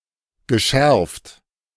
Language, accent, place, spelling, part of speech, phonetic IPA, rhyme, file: German, Germany, Berlin, geschärft, verb, [ɡəˈʃɛʁft], -ɛʁft, De-geschärft.ogg
- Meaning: past participle of schärfen